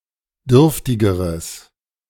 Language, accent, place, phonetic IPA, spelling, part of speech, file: German, Germany, Berlin, [ˈdʏʁftɪɡəʁəs], dürftigeres, adjective, De-dürftigeres.ogg
- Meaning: strong/mixed nominative/accusative neuter singular comparative degree of dürftig